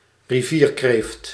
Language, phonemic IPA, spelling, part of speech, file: Dutch, /riˈviːr.kreːft/, rivierkreeft, noun, Nl-rivierkreeft.ogg
- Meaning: crayfish, a freshwater crustacean resembling a marine lobster